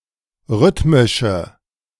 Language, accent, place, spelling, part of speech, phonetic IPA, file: German, Germany, Berlin, rhythmische, adjective, [ˈʁʏtmɪʃə], De-rhythmische.ogg
- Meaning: inflection of rhythmisch: 1. strong/mixed nominative/accusative feminine singular 2. strong nominative/accusative plural 3. weak nominative all-gender singular